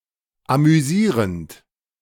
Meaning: present participle of amüsieren
- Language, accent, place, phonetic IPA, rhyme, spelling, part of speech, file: German, Germany, Berlin, [amyˈziːʁənt], -iːʁənt, amüsierend, verb, De-amüsierend.ogg